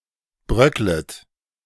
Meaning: second-person plural subjunctive I of bröckeln
- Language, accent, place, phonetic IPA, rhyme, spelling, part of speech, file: German, Germany, Berlin, [ˈbʁœklət], -œklət, bröcklet, verb, De-bröcklet.ogg